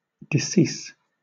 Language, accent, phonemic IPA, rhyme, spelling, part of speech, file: English, Southern England, /dɪˈsiːs/, -iːs, decease, noun / verb, LL-Q1860 (eng)-decease.wav
- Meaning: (noun) Death, departure from life; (verb) 1. To die 2. To cause to die